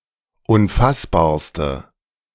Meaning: inflection of unfassbar: 1. strong/mixed nominative/accusative feminine singular superlative degree 2. strong nominative/accusative plural superlative degree
- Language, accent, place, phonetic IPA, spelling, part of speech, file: German, Germany, Berlin, [ʊnˈfasbaːɐ̯stə], unfassbarste, adjective, De-unfassbarste.ogg